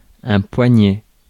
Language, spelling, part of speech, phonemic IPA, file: French, poignet, noun, /pwa.ɲɛ/, Fr-poignet.ogg
- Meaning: 1. wrist 2. carpus